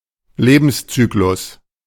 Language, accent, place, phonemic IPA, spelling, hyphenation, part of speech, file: German, Germany, Berlin, /ˈleːbn̩sˌt͡syːklʊs/, Lebenszyklus, Le‧bens‧zy‧k‧lus, noun, De-Lebenszyklus.ogg
- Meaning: life cycle